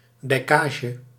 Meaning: 1. the construction or maintenance of dykes 2. a collection of dykes, especially a network of dykes 3. a tract of land claimed or protected by dykes; a collection of polders
- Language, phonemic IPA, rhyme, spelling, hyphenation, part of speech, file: Dutch, /ˌdɛi̯ˈkaː.ʒə/, -aːʒə, dijkage, dij‧ka‧ge, noun, Nl-dijkage.ogg